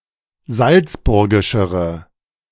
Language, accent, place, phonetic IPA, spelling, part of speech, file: German, Germany, Berlin, [ˈzalt͡sˌbʊʁɡɪʃəʁə], salzburgischere, adjective, De-salzburgischere.ogg
- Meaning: inflection of salzburgisch: 1. strong/mixed nominative/accusative feminine singular comparative degree 2. strong nominative/accusative plural comparative degree